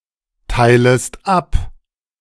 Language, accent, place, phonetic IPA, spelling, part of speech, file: German, Germany, Berlin, [ˌtaɪ̯ləst ˈap], teilest ab, verb, De-teilest ab.ogg
- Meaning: second-person singular subjunctive I of abteilen